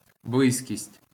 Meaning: nearness, closeness, proximity, propinquity, vicinity
- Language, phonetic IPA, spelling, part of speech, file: Ukrainian, [ˈbɫɪzʲkʲisʲtʲ], близькість, noun, LL-Q8798 (ukr)-близькість.wav